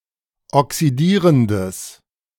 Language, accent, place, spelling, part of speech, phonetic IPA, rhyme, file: German, Germany, Berlin, oxidierendes, adjective, [ɔksiˈdiːʁəndəs], -iːʁəndəs, De-oxidierendes.ogg
- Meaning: strong/mixed nominative/accusative neuter singular of oxidierend